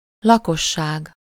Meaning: population (people living within a political or geographical boundary)
- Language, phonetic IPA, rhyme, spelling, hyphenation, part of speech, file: Hungarian, [ˈlɒkoʃːaːɡ], -aːɡ, lakosság, la‧kos‧ság, noun, Hu-lakosság.ogg